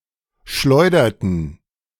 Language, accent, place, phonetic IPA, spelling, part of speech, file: German, Germany, Berlin, [ˈʃlɔɪ̯dɐtn̩], schleuderten, verb, De-schleuderten.ogg
- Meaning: inflection of schleudern: 1. first/third-person plural preterite 2. first/third-person plural subjunctive II